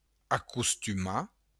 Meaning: to accustom, habituate
- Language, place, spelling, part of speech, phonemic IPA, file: Occitan, Béarn, acostumar, verb, /a.kus.tyˈma/, LL-Q14185 (oci)-acostumar.wav